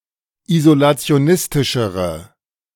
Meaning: inflection of isolationistisch: 1. strong/mixed nominative/accusative feminine singular comparative degree 2. strong nominative/accusative plural comparative degree
- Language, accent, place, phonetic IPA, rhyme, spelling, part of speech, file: German, Germany, Berlin, [izolat͡si̯oˈnɪstɪʃəʁə], -ɪstɪʃəʁə, isolationistischere, adjective, De-isolationistischere.ogg